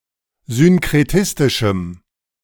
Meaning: strong dative masculine/neuter singular of synkretistisch
- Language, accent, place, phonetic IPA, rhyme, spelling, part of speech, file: German, Germany, Berlin, [zʏnkʁeˈtɪstɪʃm̩], -ɪstɪʃm̩, synkretistischem, adjective, De-synkretistischem.ogg